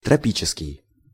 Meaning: tropical
- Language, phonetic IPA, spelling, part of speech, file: Russian, [trɐˈpʲit͡ɕɪskʲɪj], тропический, adjective, Ru-тропический.ogg